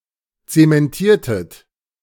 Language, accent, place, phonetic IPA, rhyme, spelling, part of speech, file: German, Germany, Berlin, [ˌt͡semɛnˈtiːɐ̯tət], -iːɐ̯tət, zementiertet, verb, De-zementiertet.ogg
- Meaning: inflection of zementieren: 1. second-person plural preterite 2. second-person plural subjunctive II